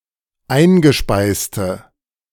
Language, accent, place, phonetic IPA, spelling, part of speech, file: German, Germany, Berlin, [ˈaɪ̯nɡəˌʃpaɪ̯stə], eingespeiste, adjective, De-eingespeiste.ogg
- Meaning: inflection of eingespeist: 1. strong/mixed nominative/accusative feminine singular 2. strong nominative/accusative plural 3. weak nominative all-gender singular